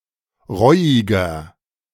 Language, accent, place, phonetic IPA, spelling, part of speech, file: German, Germany, Berlin, [ˈʁɔɪ̯ɪɡɐ], reuiger, adjective, De-reuiger.ogg
- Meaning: 1. comparative degree of reuig 2. inflection of reuig: strong/mixed nominative masculine singular 3. inflection of reuig: strong genitive/dative feminine singular